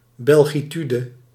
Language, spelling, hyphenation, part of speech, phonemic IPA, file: Dutch, belgitude, bel‧gi‧tu‧de, noun, /ˌbɛl.ʒiˈty.də/, Nl-belgitude.ogg
- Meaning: the concept of Belgian national identity, often formulated in a self-depreciating or humorous way